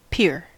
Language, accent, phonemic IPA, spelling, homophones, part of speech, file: English, US, /pɪɹ/, pier, peer / pair / pare, noun, En-us-pier.ogg
- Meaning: A raised platform built from the shore out over water, supported on piles; used to secure, or provide access to shipping; a jetty